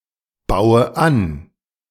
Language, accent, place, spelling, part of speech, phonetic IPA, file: German, Germany, Berlin, baue an, verb, [ˌbaʊ̯ə ˈan], De-baue an.ogg
- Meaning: inflection of anbauen: 1. first-person singular present 2. first/third-person singular subjunctive I 3. singular imperative